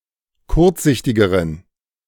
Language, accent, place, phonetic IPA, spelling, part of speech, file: German, Germany, Berlin, [ˈkʊʁt͡sˌzɪçtɪɡəʁən], kurzsichtigeren, adjective, De-kurzsichtigeren.ogg
- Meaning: inflection of kurzsichtig: 1. strong genitive masculine/neuter singular comparative degree 2. weak/mixed genitive/dative all-gender singular comparative degree